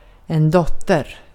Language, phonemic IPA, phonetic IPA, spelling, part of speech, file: Swedish, /²dɔtɛr/, [ˈdɔtːˌtər], dotter, noun, Sv-dotter.ogg
- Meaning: a daughter